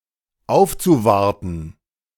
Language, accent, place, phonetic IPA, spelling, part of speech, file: German, Germany, Berlin, [ˈaʊ̯ft͡suˌvaʁtn̩], aufzuwarten, verb, De-aufzuwarten.ogg
- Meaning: zu-infinitive of aufwarten